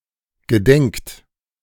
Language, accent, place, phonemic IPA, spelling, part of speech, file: German, Germany, Berlin, /ɡəˈdɛŋkt/, gedenkt, verb, De-gedenkt.ogg
- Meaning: 1. inflection of gedenken: third-person singular present 2. inflection of gedenken: second-person plural present 3. inflection of gedenken: plural imperative 4. past participle of denken